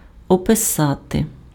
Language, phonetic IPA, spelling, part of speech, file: Ukrainian, [ɔpeˈsate], описати, verb, Uk-описати.ogg
- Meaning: to describe